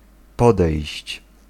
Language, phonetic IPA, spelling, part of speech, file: Polish, [ˈpɔdɛjɕt͡ɕ], podejść, verb, Pl-podejść.ogg